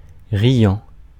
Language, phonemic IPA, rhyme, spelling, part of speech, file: French, /ʁi.jɑ̃/, -jɑ̃, riant, verb / adjective, Fr-riant.ogg
- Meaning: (verb) present participle of rire; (adjective) laughing (in the process of laughing)